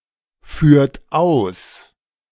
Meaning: inflection of ausführen: 1. second-person plural present 2. third-person singular present 3. plural imperative
- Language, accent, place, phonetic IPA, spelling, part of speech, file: German, Germany, Berlin, [ˌfyːɐ̯t ˈaʊ̯s], führt aus, verb, De-führt aus.ogg